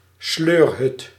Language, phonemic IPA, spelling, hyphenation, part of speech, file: Dutch, /ˈsløːr.ɦʏt/, sleurhut, sleur‧hut, noun, Nl-sleurhut.ogg
- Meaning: caravan